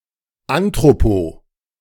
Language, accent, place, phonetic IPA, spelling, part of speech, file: German, Germany, Berlin, [antʁopo], anthropo-, prefix, De-anthropo-.ogg
- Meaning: anthropo-